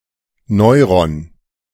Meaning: neuron
- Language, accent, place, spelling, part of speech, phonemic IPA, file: German, Germany, Berlin, Neuron, noun, /ˈnɔɪ̯ʁɔn/, De-Neuron.ogg